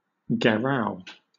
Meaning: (noun) A protest in which a group of people surrounds a politician, building, etc. until demands are met; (verb) To surround for this purpose
- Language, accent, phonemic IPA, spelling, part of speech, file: English, Southern England, /ɡɛˈɹaʊ/, gherao, noun / verb, LL-Q1860 (eng)-gherao.wav